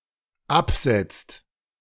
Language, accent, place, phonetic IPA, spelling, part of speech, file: German, Germany, Berlin, [ˈapˌz̥ɛt͡st], absetzt, verb, De-absetzt.ogg
- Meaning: inflection of absetzen: 1. second/third-person singular dependent present 2. second-person plural dependent present